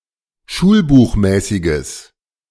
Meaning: strong/mixed nominative/accusative neuter singular of schulbuchmäßig
- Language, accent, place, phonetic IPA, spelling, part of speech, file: German, Germany, Berlin, [ˈʃuːlbuːxˌmɛːsɪɡəs], schulbuchmäßiges, adjective, De-schulbuchmäßiges.ogg